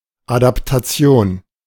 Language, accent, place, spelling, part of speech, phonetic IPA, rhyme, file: German, Germany, Berlin, Adaptation, noun, [adaptaˈt͡si̯oːn], -oːn, De-Adaptation.ogg
- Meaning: adaptation